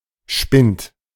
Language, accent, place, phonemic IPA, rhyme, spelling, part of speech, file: German, Germany, Berlin, /ʃpɪnt/, -ɪnt, Spind, noun, De-Spind.ogg
- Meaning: a simple cupboard or locker, usually for clothes, as in a barracks or changing room (less often in places where one does not fully undress oneself, as a library, for which usually Schließfach)